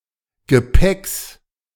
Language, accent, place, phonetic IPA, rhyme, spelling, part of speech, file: German, Germany, Berlin, [ɡəˈpɛks], -ɛks, Gepäcks, noun, De-Gepäcks.ogg
- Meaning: genitive singular of Gepäck